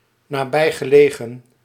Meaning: located nearby
- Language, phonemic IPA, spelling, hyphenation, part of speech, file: Dutch, /naːˈbɛi̯.ɣəˌleː.ɣə(n)/, nabijgelegen, na‧bij‧ge‧le‧gen, adjective, Nl-nabijgelegen.ogg